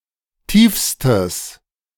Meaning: strong/mixed nominative/accusative neuter singular superlative degree of tief
- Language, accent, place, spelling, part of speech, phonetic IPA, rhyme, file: German, Germany, Berlin, tiefstes, adjective, [ˈtiːfstəs], -iːfstəs, De-tiefstes.ogg